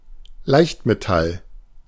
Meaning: light alloy
- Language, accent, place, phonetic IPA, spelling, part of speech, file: German, Germany, Berlin, [ˈlaɪ̯çtmeˌtal], Leichtmetall, noun, De-Leichtmetall.ogg